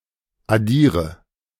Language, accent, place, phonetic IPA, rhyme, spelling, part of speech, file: German, Germany, Berlin, [aˈdiːʁə], -iːʁə, addiere, verb, De-addiere.ogg
- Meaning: inflection of addieren: 1. first-person singular present 2. singular imperative 3. first/third-person singular subjunctive I